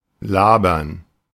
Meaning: 1. to slurp; to drink noisily 2. to talk or speak unnecessarily lengthily; to talk idly; to engage in unsubstantiated talk; to babble
- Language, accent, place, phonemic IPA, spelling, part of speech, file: German, Germany, Berlin, /ˈlaːbɐn/, labern, verb, De-labern.ogg